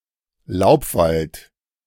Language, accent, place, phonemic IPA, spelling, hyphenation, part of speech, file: German, Germany, Berlin, /ˈlaʊ̯pˌvalt/, Laubwald, Laub‧wald, noun, De-Laubwald.ogg
- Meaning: deciduous forest